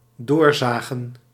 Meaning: 1. to saw through 2. to grind on, to continue to nag about something
- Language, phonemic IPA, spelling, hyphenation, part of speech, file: Dutch, /ˈdoːrˌzaː.ɣə(n)/, doorzagen, door‧za‧gen, verb, Nl-doorzagen.ogg